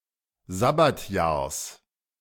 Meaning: genitive singular of Sabbatjahr
- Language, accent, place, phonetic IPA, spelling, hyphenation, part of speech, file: German, Germany, Berlin, [ˈzabatjaːɐ̯s], Sabbatjahrs, Sab‧bat‧jahrs, noun, De-Sabbatjahrs.ogg